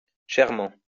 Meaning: dearly
- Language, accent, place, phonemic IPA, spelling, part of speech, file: French, France, Lyon, /ʃɛʁ.mɑ̃/, chèrement, adverb, LL-Q150 (fra)-chèrement.wav